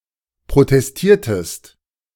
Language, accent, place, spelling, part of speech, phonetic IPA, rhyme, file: German, Germany, Berlin, protestiertest, verb, [pʁotɛsˈtiːɐ̯təst], -iːɐ̯təst, De-protestiertest.ogg
- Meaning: inflection of protestieren: 1. second-person singular preterite 2. second-person singular subjunctive II